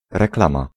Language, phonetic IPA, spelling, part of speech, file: Polish, [rɛkˈlãma], reklama, noun, Pl-reklama.ogg